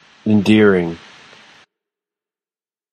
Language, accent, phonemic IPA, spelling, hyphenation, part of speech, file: English, General American, /ɪnˈdɪɹɪŋ/, endearing, en‧dear‧ing, adjective / noun / verb, En-us-endearing.flac
- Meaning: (adjective) Inspiring affection or love, often in a childlike way; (noun) Synonym of endearment; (verb) present participle and gerund of endear